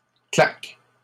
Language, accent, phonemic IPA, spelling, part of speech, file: French, Canada, /klak/, claque, noun, LL-Q150 (fra)-claque.wav
- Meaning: 1. slap on the cheek 2. vamp (of a shoe) 3. overshoe 4. thrashing; thumping (heavy defeat) 5. claque (group of people hired to either applaud or boo) 6. gambling den 7. whorehouse, brothel